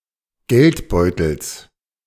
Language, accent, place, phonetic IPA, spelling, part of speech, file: German, Germany, Berlin, [ˈɡɛltˌbɔɪ̯tl̩s], Geldbeutels, noun, De-Geldbeutels.ogg
- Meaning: genitive singular of Geldbeutel